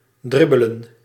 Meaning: 1. to jog with small steps 2. to dribble
- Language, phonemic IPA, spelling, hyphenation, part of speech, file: Dutch, /ˈdrɪ.bə.lə(n)/, dribbelen, drib‧be‧len, verb, Nl-dribbelen.ogg